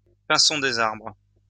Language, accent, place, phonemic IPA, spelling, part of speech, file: French, France, Lyon, /pɛ̃.sɔ̃ de.z‿aʁbʁ/, pinson des arbres, noun, LL-Q150 (fra)-pinson des arbres.wav
- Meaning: chaffinch (Fringilla coelebs)